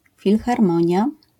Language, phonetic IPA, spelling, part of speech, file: Polish, [ˌfʲilxarˈmɔ̃ɲja], filharmonia, noun, LL-Q809 (pol)-filharmonia.wav